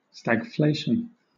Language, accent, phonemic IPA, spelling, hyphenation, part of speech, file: English, Southern England, /ˌstæɡˈfleɪʃn̩/, stagflation, stag‧flat‧ion, noun, LL-Q1860 (eng)-stagflation.wav
- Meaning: Prolonged high inflation accompanied by stagnant growth, often with recession and high unemployment